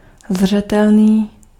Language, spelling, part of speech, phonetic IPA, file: Czech, zřetelný, adjective, [ˈzr̝ɛtɛlniː], Cs-zřetelný.ogg
- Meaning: distinct (very clear)